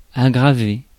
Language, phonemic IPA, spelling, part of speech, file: French, /a.ɡʁa.ve/, aggraver, verb, Fr-aggraver.ogg
- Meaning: 1. to worsen (to make worse) 2. to worsen (to become worse)